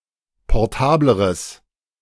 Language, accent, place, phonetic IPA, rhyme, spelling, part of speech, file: German, Germany, Berlin, [pɔʁˈtaːbləʁəs], -aːbləʁəs, portableres, adjective, De-portableres.ogg
- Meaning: strong/mixed nominative/accusative neuter singular comparative degree of portabel